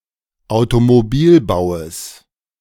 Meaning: genitive singular of Automobilbau
- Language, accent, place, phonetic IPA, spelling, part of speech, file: German, Germany, Berlin, [aʊ̯tomoˈbiːlˌbaʊ̯əs], Automobilbaues, noun, De-Automobilbaues.ogg